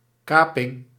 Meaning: hijacking
- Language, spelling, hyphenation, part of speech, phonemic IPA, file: Dutch, kaping, ka‧ping, noun, /ˈkaː.pɪŋ/, Nl-kaping.ogg